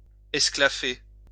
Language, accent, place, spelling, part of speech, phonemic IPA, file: French, France, Lyon, esclaffer, verb, /ɛs.kla.fe/, LL-Q150 (fra)-esclaffer.wav
- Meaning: to burst out in laughter